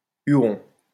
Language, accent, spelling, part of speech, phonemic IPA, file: French, France, Huron, proper noun / noun, /y.ʁɔ̃/, LL-Q150 (fra)-Huron.wav
- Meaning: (proper noun) the Wendat, a Native American people of the Huron Confederacy. The Wyandot and the Huron-Wendat are their cultural descendants; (noun) a member of this people